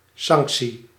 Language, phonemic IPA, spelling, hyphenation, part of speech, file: Dutch, /ˈsɑŋksi/, sanctie, sanc‧tie, noun, Nl-sanctie.ogg
- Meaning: 1. sanction (measure intended to encourage compliance) 2. sanction, approval